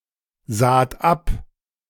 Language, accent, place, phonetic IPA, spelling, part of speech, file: German, Germany, Berlin, [ˌzaːt ˈap], saht ab, verb, De-saht ab.ogg
- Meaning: second-person plural preterite of absehen